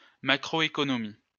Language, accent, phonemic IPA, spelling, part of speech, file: French, France, /ma.kʁɔ.e.kɔ.nɔ.mi/, macroéconomie, noun, LL-Q150 (fra)-macroéconomie.wav
- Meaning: macroeconomics